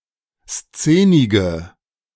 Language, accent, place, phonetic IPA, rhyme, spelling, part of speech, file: German, Germany, Berlin, [ˈst͡seːnɪɡə], -eːnɪɡə, szenige, adjective, De-szenige.ogg
- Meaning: inflection of szenig: 1. strong/mixed nominative/accusative feminine singular 2. strong nominative/accusative plural 3. weak nominative all-gender singular 4. weak accusative feminine/neuter singular